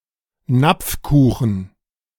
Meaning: bundt cake
- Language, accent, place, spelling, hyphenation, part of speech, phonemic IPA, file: German, Germany, Berlin, Napfkuchen, Napf‧ku‧chen, noun, /ˈnapfˌkuːxən/, De-Napfkuchen.ogg